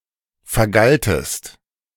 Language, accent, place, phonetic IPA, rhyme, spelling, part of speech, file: German, Germany, Berlin, [fɛɐ̯ˈɡaltəst], -altəst, vergaltest, verb, De-vergaltest.ogg
- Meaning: second-person singular preterite of vergelten